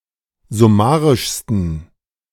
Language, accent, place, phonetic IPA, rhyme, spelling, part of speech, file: German, Germany, Berlin, [zʊˈmaːʁɪʃstn̩], -aːʁɪʃstn̩, summarischsten, adjective, De-summarischsten.ogg
- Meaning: 1. superlative degree of summarisch 2. inflection of summarisch: strong genitive masculine/neuter singular superlative degree